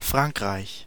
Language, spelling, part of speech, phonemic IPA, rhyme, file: German, Frankreich, proper noun, /ˈfʁaŋkʁaɪ̯ç/, -aɪ̯ç, De-Frankreich.ogg
- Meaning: France (a country located primarily in Western Europe)